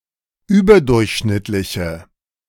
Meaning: inflection of überdurchschnittlich: 1. strong/mixed nominative/accusative feminine singular 2. strong nominative/accusative plural 3. weak nominative all-gender singular
- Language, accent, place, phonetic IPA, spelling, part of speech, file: German, Germany, Berlin, [ˈyːbɐˌdʊʁçʃnɪtlɪçə], überdurchschnittliche, adjective, De-überdurchschnittliche.ogg